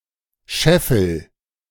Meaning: inflection of scheffeln: 1. first-person singular present 2. singular imperative
- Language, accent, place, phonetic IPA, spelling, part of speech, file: German, Germany, Berlin, [ˈʃɛfl̩], scheffel, verb, De-scheffel.ogg